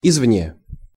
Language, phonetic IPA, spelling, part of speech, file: Russian, [ɪzvˈnʲe], извне, adverb, Ru-извне.ogg
- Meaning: from the outside, from outside